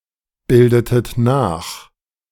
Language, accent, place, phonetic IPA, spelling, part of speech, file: German, Germany, Berlin, [ˌbɪldətət ˈnaːx], bildetet nach, verb, De-bildetet nach.ogg
- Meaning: inflection of nachbilden: 1. second-person plural preterite 2. second-person plural subjunctive II